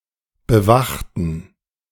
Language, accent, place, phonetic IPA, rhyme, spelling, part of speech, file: German, Germany, Berlin, [bəˈvaxtn̩], -axtn̩, bewachten, adjective / verb, De-bewachten.ogg
- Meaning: inflection of bewachen: 1. first/third-person plural preterite 2. first/third-person plural subjunctive II